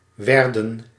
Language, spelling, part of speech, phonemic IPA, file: Dutch, werden, verb, /ˈʋɛrdə(n)/, Nl-werden.ogg
- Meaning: inflection of worden: 1. plural past indicative 2. plural past subjunctive